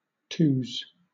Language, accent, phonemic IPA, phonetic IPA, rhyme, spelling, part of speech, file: English, Southern England, /tuːz/, [tʰu̟ːz], -uːz, twos, noun / verb, LL-Q1860 (eng)-twos.wav
- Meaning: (noun) 1. plural of two 2. The age of two; two years old 3. The cells located on the first floor 4. A pair of twos 5. A reserves team; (verb) To share a cigarette with someone after smoking half of it